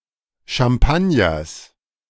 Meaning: genitive singular of Champagner
- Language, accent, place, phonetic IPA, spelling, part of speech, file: German, Germany, Berlin, [ʃamˈpanjɐs], Champagners, noun, De-Champagners.ogg